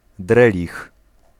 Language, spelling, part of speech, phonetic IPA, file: Polish, drelich, noun, [ˈdrɛlʲix], Pl-drelich.ogg